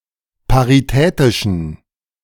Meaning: inflection of paritätisch: 1. strong genitive masculine/neuter singular 2. weak/mixed genitive/dative all-gender singular 3. strong/weak/mixed accusative masculine singular 4. strong dative plural
- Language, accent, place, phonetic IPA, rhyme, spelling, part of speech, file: German, Germany, Berlin, [paʁiˈtɛːtɪʃn̩], -ɛːtɪʃn̩, paritätischen, adjective, De-paritätischen.ogg